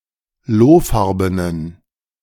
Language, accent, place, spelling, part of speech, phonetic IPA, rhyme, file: German, Germany, Berlin, lohfarbenen, adjective, [ˈloːˌfaʁbənən], -oːfaʁbənən, De-lohfarbenen.ogg
- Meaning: inflection of lohfarben: 1. strong genitive masculine/neuter singular 2. weak/mixed genitive/dative all-gender singular 3. strong/weak/mixed accusative masculine singular 4. strong dative plural